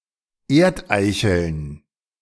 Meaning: plural of Erdeichel
- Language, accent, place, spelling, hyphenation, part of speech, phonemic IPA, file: German, Germany, Berlin, Erdeicheln, Erd‧ei‧cheln, noun, /ˈeːɐ̯tˌʔaɪ̯çl̩n/, De-Erdeicheln.ogg